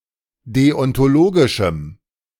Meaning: strong dative masculine/neuter singular of deontologisch
- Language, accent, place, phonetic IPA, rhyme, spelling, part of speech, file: German, Germany, Berlin, [ˌdeɔntoˈloːɡɪʃm̩], -oːɡɪʃm̩, deontologischem, adjective, De-deontologischem.ogg